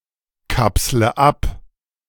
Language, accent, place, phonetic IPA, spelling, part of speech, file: German, Germany, Berlin, [ˌkapslə ˈap], kapsle ab, verb, De-kapsle ab.ogg
- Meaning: inflection of abkapseln: 1. first-person singular present 2. first/third-person singular subjunctive I 3. singular imperative